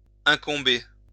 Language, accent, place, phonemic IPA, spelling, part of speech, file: French, France, Lyon, /ɛ̃.kɔ̃.be/, incomber, verb, LL-Q150 (fra)-incomber.wav
- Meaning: to behove